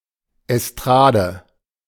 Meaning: 1. estrade (raised platform) 2. variety (art)
- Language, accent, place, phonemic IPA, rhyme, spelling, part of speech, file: German, Germany, Berlin, /ɛsˈtʁaːdə/, -aːdə, Estrade, noun, De-Estrade.ogg